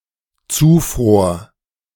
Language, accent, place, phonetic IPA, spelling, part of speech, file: German, Germany, Berlin, [ˈt͡suːˌfʁoːɐ̯], zufror, verb, De-zufror.ogg
- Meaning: first/third-person singular dependent preterite of zufrieren